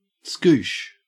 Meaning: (noun) 1. A squirt (of liquid) 2. Something very easy; a piece of cake; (verb) 1. To squirt 2. To squish, to smoosh 3. To have an easy time
- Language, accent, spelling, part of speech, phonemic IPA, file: English, Australia, skoosh, noun / verb, /skuːʃ/, En-au-skoosh.ogg